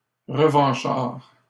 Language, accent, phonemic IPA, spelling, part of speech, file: French, Canada, /ʁə.vɑ̃.ʃaʁ/, revanchard, adjective, LL-Q150 (fra)-revanchard.wav
- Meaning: 1. revengeful, vindictive, retaliatory 2. revanchist